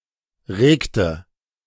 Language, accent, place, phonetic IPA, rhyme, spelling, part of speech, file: German, Germany, Berlin, [ˈʁeːktə], -eːktə, regte, verb, De-regte.ogg
- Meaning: inflection of regen: 1. first/third-person singular preterite 2. first/third-person singular subjunctive II